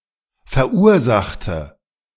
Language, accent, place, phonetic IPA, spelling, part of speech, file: German, Germany, Berlin, [fɛɐ̯ˈʔuːɐ̯ˌzaxtə], verursachte, adjective / verb, De-verursachte.ogg
- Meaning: inflection of verursachen: 1. first/third-person singular preterite 2. first/third-person singular subjunctive II